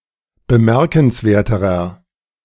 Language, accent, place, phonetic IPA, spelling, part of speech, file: German, Germany, Berlin, [bəˈmɛʁkn̩sˌveːɐ̯təʁɐ], bemerkenswerterer, adjective, De-bemerkenswerterer.ogg
- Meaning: inflection of bemerkenswert: 1. strong/mixed nominative masculine singular comparative degree 2. strong genitive/dative feminine singular comparative degree